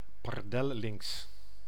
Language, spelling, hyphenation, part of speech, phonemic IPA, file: Dutch, pardellynx, par‧del‧lynx, noun, /ˈpɑr.də(l)ˌlɪŋks/, Nl-pardellynx.ogg
- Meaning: Iberian lynx (Lynx pardinus)